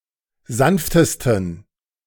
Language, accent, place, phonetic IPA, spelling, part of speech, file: German, Germany, Berlin, [ˈzanftəstn̩], sanftesten, adjective, De-sanftesten.ogg
- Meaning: 1. superlative degree of sanft 2. inflection of sanft: strong genitive masculine/neuter singular superlative degree